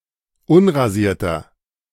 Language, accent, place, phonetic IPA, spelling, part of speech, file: German, Germany, Berlin, [ˈʊnʁaˌziːɐ̯tɐ], unrasierter, adjective, De-unrasierter.ogg
- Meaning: 1. comparative degree of unrasiert 2. inflection of unrasiert: strong/mixed nominative masculine singular 3. inflection of unrasiert: strong genitive/dative feminine singular